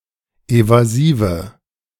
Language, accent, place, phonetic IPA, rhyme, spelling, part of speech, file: German, Germany, Berlin, [ˌevaˈziːvə], -iːvə, evasive, adjective, De-evasive.ogg
- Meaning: inflection of evasiv: 1. strong/mixed nominative/accusative feminine singular 2. strong nominative/accusative plural 3. weak nominative all-gender singular 4. weak accusative feminine/neuter singular